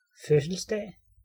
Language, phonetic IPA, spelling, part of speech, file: Danish, [ˈføsl̩sˌd̥æˀ], fødselsdag, noun, Da-fødselsdag.ogg
- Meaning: birthday (occasion and date of birth)